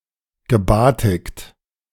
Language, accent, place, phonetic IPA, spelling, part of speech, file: German, Germany, Berlin, [ɡəˈbaːtɪkt], gebatikt, verb, De-gebatikt.ogg
- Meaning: past participle of batiken